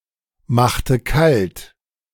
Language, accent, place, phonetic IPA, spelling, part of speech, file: German, Germany, Berlin, [ˌmaxtə ˈkalt], machte kalt, verb, De-machte kalt.ogg
- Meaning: inflection of kaltmachen: 1. first/third-person singular preterite 2. first/third-person singular subjunctive II